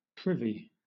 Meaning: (adjective) 1. Private, exclusive; not public; one's own 2. Secret, hidden, concealed 3. With knowledge of; party to; let in on
- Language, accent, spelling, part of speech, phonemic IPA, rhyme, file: English, Southern England, privy, adjective / noun, /ˈpɹɪvi/, -ɪvi, LL-Q1860 (eng)-privy.wav